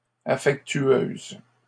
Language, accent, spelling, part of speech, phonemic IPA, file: French, Canada, affectueuse, adjective, /a.fɛk.tɥøz/, LL-Q150 (fra)-affectueuse.wav
- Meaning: feminine singular of affectueux